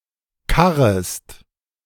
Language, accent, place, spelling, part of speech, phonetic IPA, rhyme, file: German, Germany, Berlin, karrest, verb, [ˈkaʁəst], -aʁəst, De-karrest.ogg
- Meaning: second-person singular subjunctive I of karren